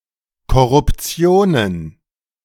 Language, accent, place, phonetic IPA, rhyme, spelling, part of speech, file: German, Germany, Berlin, [kɔʁʊpˈt͡si̯oːnən], -oːnən, Korruptionen, noun, De-Korruptionen.ogg
- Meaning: plural of Korruption